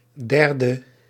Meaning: abbreviation of derde (“third”); 3rd
- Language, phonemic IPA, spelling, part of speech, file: Dutch, /ˈdɛrdə/, 3e, adjective, Nl-3e.ogg